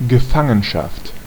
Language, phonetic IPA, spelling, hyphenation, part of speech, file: German, [ɡəˈfaŋənʃaft], Gefangenschaft, Ge‧fan‧gen‧schaft, noun, De-Gefangenschaft.ogg
- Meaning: imprisonment, captivity